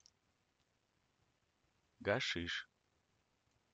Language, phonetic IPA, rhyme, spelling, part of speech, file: Russian, [ɡɐˈʂɨʂ], -ɨʂ, гашиш, noun, Ru-Gashish.ogg
- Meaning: hashish